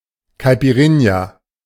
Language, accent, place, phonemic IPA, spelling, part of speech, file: German, Germany, Berlin, /kaɪ̯piˈʁɪnja/, Caipirinha, noun, De-Caipirinha.ogg
- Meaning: caipirinha (traditional Brazilian drink)